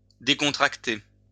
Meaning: to relax
- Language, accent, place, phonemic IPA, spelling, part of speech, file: French, France, Lyon, /de.kɔ̃.tʁak.te/, décontracter, verb, LL-Q150 (fra)-décontracter.wav